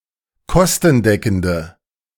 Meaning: inflection of kostendeckend: 1. strong/mixed nominative/accusative feminine singular 2. strong nominative/accusative plural 3. weak nominative all-gender singular
- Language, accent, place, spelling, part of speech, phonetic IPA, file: German, Germany, Berlin, kostendeckende, adjective, [ˈkɔstn̩ˌdɛkn̩də], De-kostendeckende.ogg